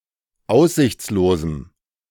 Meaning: strong dative masculine/neuter singular of aussichtslos
- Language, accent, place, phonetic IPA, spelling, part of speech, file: German, Germany, Berlin, [ˈaʊ̯szɪçt͡sloːzm̩], aussichtslosem, adjective, De-aussichtslosem.ogg